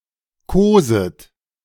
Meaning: second-person plural present subjunctive of kosen
- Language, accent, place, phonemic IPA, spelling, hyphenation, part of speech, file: German, Germany, Berlin, /ˈkoːzət/, koset, ko‧set, verb, De-koset.ogg